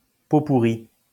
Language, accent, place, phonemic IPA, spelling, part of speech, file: French, France, Lyon, /po.pu.ʁi/, pot-pourri, noun, LL-Q150 (fra)-pot-pourri.wav
- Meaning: potpourri (collection of various things)